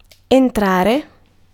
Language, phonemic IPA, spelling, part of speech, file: Italian, /enˈtrare/, entrare, verb, It-entrare.ogg